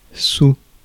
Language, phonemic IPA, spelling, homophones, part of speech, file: French, /su/, sous, saoul / saouls / sou / soue / soues, preposition / noun, Fr-sous.ogg
- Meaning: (preposition) below, under; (noun) 1. plural of sou 2. money